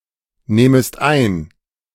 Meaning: second-person singular subjunctive I of einnehmen
- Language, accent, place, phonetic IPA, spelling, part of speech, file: German, Germany, Berlin, [ˌneːməst ˈaɪ̯n], nehmest ein, verb, De-nehmest ein.ogg